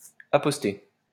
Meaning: to post, station (place in a position)
- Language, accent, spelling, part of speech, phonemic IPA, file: French, France, aposter, verb, /a.pɔs.te/, LL-Q150 (fra)-aposter.wav